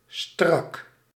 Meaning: 1. tight 2. tense (showing stress or strain) 3. sleek, without unnecessary bells and whistles (of design)
- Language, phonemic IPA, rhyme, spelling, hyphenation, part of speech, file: Dutch, /strɑk/, -ɑk, strak, strak, adjective, Nl-strak.ogg